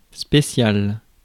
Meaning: special
- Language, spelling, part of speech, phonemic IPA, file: French, spécial, adjective, /spe.sjal/, Fr-spécial.ogg